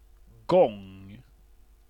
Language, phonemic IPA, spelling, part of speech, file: Swedish, /ɡɔŋ/, gång, noun, Sv-gång.ogg
- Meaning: 1. walking 2. manner of walk, gait 3. a path, a walkway (in a park or garden) 4. an aisle (corridor in a supermarket with shelves on both sides containing goods for sale)